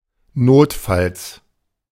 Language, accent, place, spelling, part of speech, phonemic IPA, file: German, Germany, Berlin, notfalls, adverb, /ˈnoːtfals/, De-notfalls.ogg
- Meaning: if necessary, in a pinch